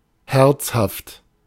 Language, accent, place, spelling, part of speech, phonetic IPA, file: German, Germany, Berlin, herzhaft, adjective, [ˈhɛɐt͡shaft], De-herzhaft.ogg
- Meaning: hearty, savory, savoury